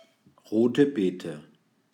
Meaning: alternative form of Rote Bete
- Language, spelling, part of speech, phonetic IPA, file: German, Rote Beete, phrase, [ˌʁoːtə ˈbeːtə], De-Rote Beete.ogg